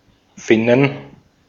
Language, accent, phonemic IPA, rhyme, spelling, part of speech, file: German, Austria, /ˈfɪnən/, -ɪnən, Finnen, noun, De-at-Finnen.ogg
- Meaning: plural of Finne